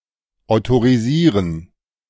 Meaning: to authorize
- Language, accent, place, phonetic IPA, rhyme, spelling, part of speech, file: German, Germany, Berlin, [aʊ̯toʁiˈziːʁən], -iːʁən, autorisieren, verb, De-autorisieren.ogg